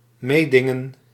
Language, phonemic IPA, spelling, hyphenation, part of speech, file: Dutch, /ˈmeːdɪŋə(n)/, meedingen, mee‧din‧gen, verb, Nl-meedingen.ogg
- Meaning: to compete